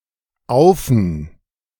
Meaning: 1. auf + den 2. auf + ein
- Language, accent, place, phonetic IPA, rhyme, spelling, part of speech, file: German, Germany, Berlin, [ˈaʊ̯fn̩], -aʊ̯fn̩, aufn, abbreviation, De-aufn.ogg